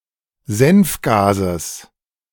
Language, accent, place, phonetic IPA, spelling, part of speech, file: German, Germany, Berlin, [ˈzɛnfˌɡaːzəs], Senfgases, noun, De-Senfgases.ogg
- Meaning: genitive singular of Senfgas